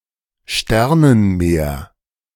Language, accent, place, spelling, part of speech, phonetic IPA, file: German, Germany, Berlin, Sternenmeer, noun, [ˈʃtɛʁnənˌmeːɐ̯], De-Sternenmeer.ogg
- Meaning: the starry night sky